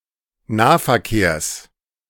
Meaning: genitive singular of Nahverkehr
- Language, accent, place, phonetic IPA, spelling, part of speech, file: German, Germany, Berlin, [ˈnaːfɛɐ̯ˌkeːɐ̯s], Nahverkehrs, noun, De-Nahverkehrs.ogg